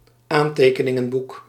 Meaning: notebook (pocket-sized book for writing down notes)
- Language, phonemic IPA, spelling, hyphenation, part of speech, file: Dutch, /ˈaːn.teː.kə.nɪ.ŋə(n)ˌbuk/, aantekeningenboek, aan‧te‧ke‧nin‧gen‧boek, noun, Nl-aantekeningenboek.ogg